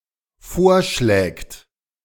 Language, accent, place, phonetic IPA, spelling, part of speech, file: German, Germany, Berlin, [ˈfoːɐ̯ˌʃlɛːkt], vorschlägt, verb, De-vorschlägt.ogg
- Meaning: third-person singular dependent present of vorschlagen